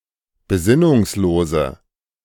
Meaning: inflection of besinnungslos: 1. strong/mixed nominative/accusative feminine singular 2. strong nominative/accusative plural 3. weak nominative all-gender singular
- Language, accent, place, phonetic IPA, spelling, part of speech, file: German, Germany, Berlin, [beˈzɪnʊŋsˌloːzə], besinnungslose, adjective, De-besinnungslose.ogg